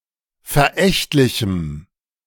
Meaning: strong dative masculine/neuter singular of verächtlich
- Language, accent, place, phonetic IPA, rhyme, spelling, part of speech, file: German, Germany, Berlin, [fɛɐ̯ˈʔɛçtlɪçm̩], -ɛçtlɪçm̩, verächtlichem, adjective, De-verächtlichem.ogg